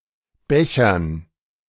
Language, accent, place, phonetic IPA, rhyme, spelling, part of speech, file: German, Germany, Berlin, [ˈbɛçɐn], -ɛçɐn, Bechern, noun, De-Bechern.ogg
- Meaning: 1. gerund of bechern 2. dative plural of Becher